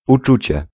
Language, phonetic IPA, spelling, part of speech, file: Polish, [uˈt͡ʃut͡ɕɛ], uczucie, noun, Pl-uczucie.ogg